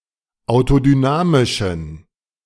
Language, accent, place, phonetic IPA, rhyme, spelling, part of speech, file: German, Germany, Berlin, [aʊ̯todyˈnaːmɪʃn̩], -aːmɪʃn̩, autodynamischen, adjective, De-autodynamischen.ogg
- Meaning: inflection of autodynamisch: 1. strong genitive masculine/neuter singular 2. weak/mixed genitive/dative all-gender singular 3. strong/weak/mixed accusative masculine singular 4. strong dative plural